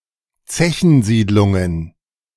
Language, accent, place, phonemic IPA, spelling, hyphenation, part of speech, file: German, Germany, Berlin, /ˈt͡sɛçn̩ˌziːdlʊŋən/, Zechensiedlungen, Ze‧chen‧sied‧lun‧gen, noun, De-Zechensiedlungen.ogg
- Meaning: plural of Zechensiedlung